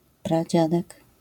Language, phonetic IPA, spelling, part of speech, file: Polish, [praˈd͡ʑadɛk], pradziadek, noun, LL-Q809 (pol)-pradziadek.wav